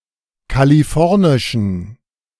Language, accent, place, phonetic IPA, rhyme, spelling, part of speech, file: German, Germany, Berlin, [kaliˈfɔʁnɪʃn̩], -ɔʁnɪʃn̩, kalifornischen, adjective, De-kalifornischen.ogg
- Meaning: inflection of kalifornisch: 1. strong genitive masculine/neuter singular 2. weak/mixed genitive/dative all-gender singular 3. strong/weak/mixed accusative masculine singular 4. strong dative plural